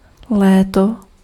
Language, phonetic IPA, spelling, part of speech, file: Czech, [ˈlɛːto], léto, noun, Cs-léto.ogg
- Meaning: 1. summer 2. year